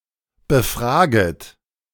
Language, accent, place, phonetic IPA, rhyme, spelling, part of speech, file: German, Germany, Berlin, [bəˈfʁaːɡət], -aːɡət, befraget, verb, De-befraget.ogg
- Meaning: second-person plural subjunctive I of befragen